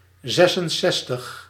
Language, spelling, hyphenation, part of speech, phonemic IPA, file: Dutch, zesenzestig, zes‧en‧zes‧tig, numeral, /ˈzɛsənˌsɛstəx/, Nl-zesenzestig.ogg
- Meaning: sixty-six